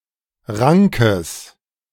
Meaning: strong/mixed nominative/accusative neuter singular of rank
- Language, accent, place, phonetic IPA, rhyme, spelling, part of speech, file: German, Germany, Berlin, [ˈʁaŋkəs], -aŋkəs, rankes, adjective, De-rankes.ogg